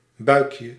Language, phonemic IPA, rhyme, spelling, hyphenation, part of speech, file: Dutch, /ˈbœy̯kjə/, -œy̯kjə, buikje, buik‧je, noun, Nl-buikje.ogg
- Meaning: 1. diminutive of buik: little belly 2. a belly with a certain excess of fat; a potbelly